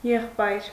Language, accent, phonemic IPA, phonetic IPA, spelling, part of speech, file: Armenian, Eastern Armenian, /jeχˈpɑjɾ/, [jeχpɑ́jɾ], եղբայր, noun, Hy-եղբայր.ogg
- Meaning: 1. brother 2. bro, buddy, pal (informal form of address to a male of equal age) 3. male cousin